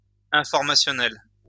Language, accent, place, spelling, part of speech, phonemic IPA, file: French, France, Lyon, informationnel, adjective, /ɛ̃.fɔʁ.ma.sjɔ.nɛl/, LL-Q150 (fra)-informationnel.wav
- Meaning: information, informational